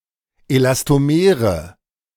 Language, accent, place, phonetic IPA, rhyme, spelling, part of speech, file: German, Germany, Berlin, [elastoˈmeːʁə], -eːʁə, Elastomere, noun, De-Elastomere.ogg
- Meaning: nominative/accusative/genitive plural of Elastomer